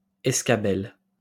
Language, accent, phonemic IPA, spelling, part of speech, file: French, France, /ɛs.ka.bɛl/, escabelle, noun, LL-Q150 (fra)-escabelle.wav
- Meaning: stool